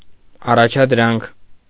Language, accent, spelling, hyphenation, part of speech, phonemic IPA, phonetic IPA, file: Armenian, Eastern Armenian, առաջադրանք, ա‧ռա‧ջադ‧րանք, noun, /ɑrɑt͡ʃʰɑdˈɾɑnkʰ/, [ɑrɑt͡ʃʰɑdɾɑ́ŋkʰ], Hy-առաջադրանք.ogg
- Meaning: 1. task, assignment 2. school assignment, exercise 3. commission, order 4. mission, post